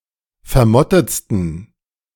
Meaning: 1. superlative degree of vermottet 2. inflection of vermottet: strong genitive masculine/neuter singular superlative degree
- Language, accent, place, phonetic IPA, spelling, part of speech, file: German, Germany, Berlin, [fɛɐ̯ˈmɔtət͡stn̩], vermottetsten, adjective, De-vermottetsten.ogg